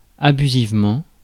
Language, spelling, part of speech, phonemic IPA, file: French, abusivement, adverb, /a.by.ziv.mɑ̃/, Fr-abusivement.ogg
- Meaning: abusively